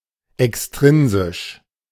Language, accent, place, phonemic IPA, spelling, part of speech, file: German, Germany, Berlin, /ɛksˈtʁɪnzɪʃ/, extrinsisch, adjective, De-extrinsisch.ogg
- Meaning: extrinsic